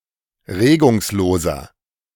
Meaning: inflection of regungslos: 1. strong/mixed nominative masculine singular 2. strong genitive/dative feminine singular 3. strong genitive plural
- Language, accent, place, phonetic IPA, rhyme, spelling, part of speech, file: German, Germany, Berlin, [ˈʁeːɡʊŋsˌloːzɐ], -eːɡʊŋsloːzɐ, regungsloser, adjective, De-regungsloser.ogg